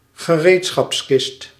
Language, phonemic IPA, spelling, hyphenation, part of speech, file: Dutch, /ɣəˈreːt.sxɑpsˌkɪst/, gereedschapskist, ge‧reed‧schaps‧kist, noun, Nl-gereedschapskist.ogg
- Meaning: a toolbox, storage case for physical tools